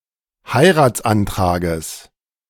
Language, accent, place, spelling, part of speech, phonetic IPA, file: German, Germany, Berlin, Heiratsantrages, noun, [ˈhaɪ̯ʁaːt͡sʔanˌtʁaːɡəs], De-Heiratsantrages.ogg
- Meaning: genitive singular of Heiratsantrag